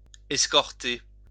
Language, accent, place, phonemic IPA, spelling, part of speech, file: French, France, Lyon, /ɛs.kɔʁ.te/, escorter, verb, LL-Q150 (fra)-escorter.wav
- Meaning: 1. to escort 2. to accompany